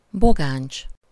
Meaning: thistle
- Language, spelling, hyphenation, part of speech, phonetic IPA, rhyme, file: Hungarian, bogáncs, bo‧gáncs, noun, [ˈboɡaːnt͡ʃ], -aːnt͡ʃ, Hu-bogáncs.ogg